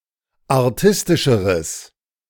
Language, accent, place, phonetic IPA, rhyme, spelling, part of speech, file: German, Germany, Berlin, [aʁˈtɪstɪʃəʁəs], -ɪstɪʃəʁəs, artistischeres, adjective, De-artistischeres.ogg
- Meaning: strong/mixed nominative/accusative neuter singular comparative degree of artistisch